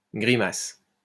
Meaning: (noun) grimace; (verb) inflection of grimacer: 1. first/third-person singular present indicative/subjunctive 2. second-person singular imperative
- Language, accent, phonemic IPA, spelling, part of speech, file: French, France, /ɡʁi.mas/, grimace, noun / verb, LL-Q150 (fra)-grimace.wav